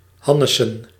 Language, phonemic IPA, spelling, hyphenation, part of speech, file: Dutch, /ˈɦɑ.nə.sə(n)/, hannesen, han‧ne‧sen, verb, Nl-hannesen.ogg
- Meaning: to mess around, to bungle, to act clumsily